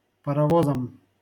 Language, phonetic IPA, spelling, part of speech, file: Russian, [pərɐˈvozəm], паровозам, noun, LL-Q7737 (rus)-паровозам.wav
- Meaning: dative plural of парово́з (parovóz)